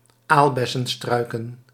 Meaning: plural of aalbessenstruik
- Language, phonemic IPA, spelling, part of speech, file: Dutch, /ˈalbɛsə(n)ˌstrœykə(n)/, aalbessenstruiken, noun, Nl-aalbessenstruiken.ogg